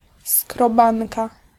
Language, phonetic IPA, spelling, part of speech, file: Polish, [skrɔˈbãnka], skrobanka, noun, Pl-skrobanka.ogg